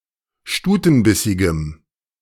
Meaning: strong dative masculine/neuter singular of stutenbissig
- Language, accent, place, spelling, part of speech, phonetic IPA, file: German, Germany, Berlin, stutenbissigem, adjective, [ˈʃtuːtn̩ˌbɪsɪɡəm], De-stutenbissigem.ogg